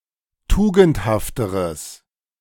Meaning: strong/mixed nominative/accusative neuter singular comparative degree of tugendhaft
- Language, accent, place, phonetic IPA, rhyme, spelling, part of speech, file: German, Germany, Berlin, [ˈtuːɡn̩thaftəʁəs], -uːɡn̩thaftəʁəs, tugendhafteres, adjective, De-tugendhafteres.ogg